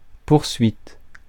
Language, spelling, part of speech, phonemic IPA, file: French, poursuite, noun, /puʁ.sɥit/, Fr-poursuite.ogg
- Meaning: 1. pursuit; chase 2. pursuit 3. prosecution